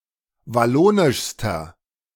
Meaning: inflection of wallonisch: 1. strong/mixed nominative masculine singular superlative degree 2. strong genitive/dative feminine singular superlative degree 3. strong genitive plural superlative degree
- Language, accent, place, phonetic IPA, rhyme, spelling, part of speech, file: German, Germany, Berlin, [vaˈloːnɪʃstɐ], -oːnɪʃstɐ, wallonischster, adjective, De-wallonischster.ogg